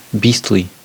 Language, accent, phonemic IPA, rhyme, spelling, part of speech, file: English, US, /ˈbiːstli/, -iːstli, beastly, adjective / adverb, En-us-beastly.ogg
- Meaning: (adjective) 1. Pertaining to, or having the form, nature, or habits of, a beast 2. Similar to the nature of a beast; contrary to the nature and dignity of human beings